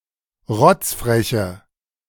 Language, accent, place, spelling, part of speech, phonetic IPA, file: German, Germany, Berlin, rotzfreche, adjective, [ˈʁɔt͡sfʁɛçə], De-rotzfreche.ogg
- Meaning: inflection of rotzfrech: 1. strong/mixed nominative/accusative feminine singular 2. strong nominative/accusative plural 3. weak nominative all-gender singular